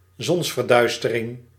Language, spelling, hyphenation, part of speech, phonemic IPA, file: Dutch, zonsverduistering, zons‧ver‧duis‧te‧ring, noun, /ˈzɔns.vərˌdœy̯s.tə.rɪŋ/, Nl-zonsverduistering.ogg
- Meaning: solar eclipse